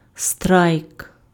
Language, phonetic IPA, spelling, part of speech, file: Ukrainian, [strai̯k], страйк, noun, Uk-страйк.ogg
- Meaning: 1. strike (work stoppage) 2. strike